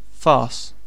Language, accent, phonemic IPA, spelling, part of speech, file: English, UK, /fɑːs/, farce, noun / verb, En-uk-Farce.ogg
- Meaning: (noun) 1. A style of humor marked by broad improbabilities with little regard to regularity or method 2. A motion picture or play featuring this style of humor